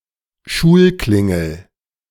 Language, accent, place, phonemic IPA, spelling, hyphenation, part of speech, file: German, Germany, Berlin, /ˈʃuːlˌklɪŋl̩/, Schulklingel, Schul‧klin‧gel, noun, De-Schulklingel.ogg
- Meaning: school bell